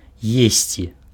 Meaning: to eat
- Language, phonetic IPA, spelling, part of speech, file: Belarusian, [ˈjesʲt͡sʲi], есці, verb, Be-есці.ogg